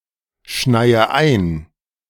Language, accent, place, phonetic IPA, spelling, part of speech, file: German, Germany, Berlin, [ˌʃnaɪ̯ə ˈaɪ̯n], schneie ein, verb, De-schneie ein.ogg
- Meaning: inflection of einschneien: 1. first-person singular present 2. first/third-person singular subjunctive I 3. singular imperative